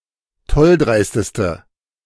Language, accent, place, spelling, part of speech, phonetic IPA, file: German, Germany, Berlin, tolldreisteste, adjective, [ˈtɔlˌdʁaɪ̯stəstə], De-tolldreisteste.ogg
- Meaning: inflection of tolldreist: 1. strong/mixed nominative/accusative feminine singular superlative degree 2. strong nominative/accusative plural superlative degree